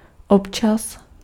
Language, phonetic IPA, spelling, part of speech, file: Czech, [ˈopt͡ʃas], občas, adverb, Cs-občas.ogg
- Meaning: sometimes, occasionally, from time to time